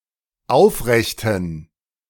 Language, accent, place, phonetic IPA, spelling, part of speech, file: German, Germany, Berlin, [ˈaʊ̯fˌʁɛçtn̩], aufrechten, adjective, De-aufrechten.ogg
- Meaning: inflection of aufrecht: 1. strong genitive masculine/neuter singular 2. weak/mixed genitive/dative all-gender singular 3. strong/weak/mixed accusative masculine singular 4. strong dative plural